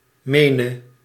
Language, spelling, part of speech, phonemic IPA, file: Dutch, mene, verb, /ˈmenə/, Nl-mene.ogg
- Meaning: singular present subjunctive of menen